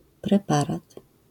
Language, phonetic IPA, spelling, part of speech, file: Polish, [prɛˈparat], preparat, noun, LL-Q809 (pol)-preparat.wav